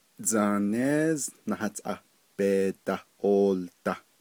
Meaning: Democratic Party
- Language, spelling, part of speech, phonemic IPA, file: Navajo, Dzaanééz Nahatʼá Bee Dah Ooldah, noun, /t͡sɑ̀ːnéːz nɑ̀hɑ̀tʼɑ́ pèː tɑ̀h òːltɑ̀h/, Nv-Dzaanééz Nahatʼá Bee Dah Ooldah.ogg